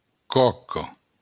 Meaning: 1. hull 2. cake
- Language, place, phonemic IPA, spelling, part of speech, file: Occitan, Béarn, /ˈkɔ.kɒ/, còca, noun, LL-Q14185 (oci)-còca.wav